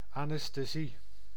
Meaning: anesthesia
- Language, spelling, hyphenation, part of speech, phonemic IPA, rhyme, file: Dutch, anesthesie, an‧es‧the‧sie, noun, /ˌɑn.ɛs.teːˈzi/, -i, Nl-anesthesie.ogg